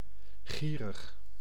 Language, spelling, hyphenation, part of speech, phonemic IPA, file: Dutch, gierig, gie‧rig, adjective, /ɣiː.rəx/, Nl-gierig.ogg
- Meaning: 1. desirous, covetous 2. greedy, stingy, miserly